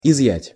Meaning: 1. to remove, to withdraw 2. to take away, to confiscate
- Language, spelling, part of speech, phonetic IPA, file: Russian, изъять, verb, [ɪzˈjætʲ], Ru-изъять.ogg